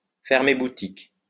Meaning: to close up shop, to shut up shop, to close down
- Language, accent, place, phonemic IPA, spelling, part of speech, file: French, France, Lyon, /fɛʁ.me bu.tik/, fermer boutique, verb, LL-Q150 (fra)-fermer boutique.wav